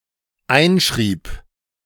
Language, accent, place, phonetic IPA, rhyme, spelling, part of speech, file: German, Germany, Berlin, [ˈaɪ̯nˌʃʁiːp], -aɪ̯nʃʁiːp, einschrieb, verb, De-einschrieb.ogg
- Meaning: first/third-person singular dependent preterite of einschreiben